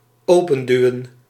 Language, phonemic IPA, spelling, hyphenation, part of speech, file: Dutch, /ˈoː.pə(n)ˌdyu̯ə(n)/, openduwen, open‧du‧wen, verb, Nl-openduwen.ogg
- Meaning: to push open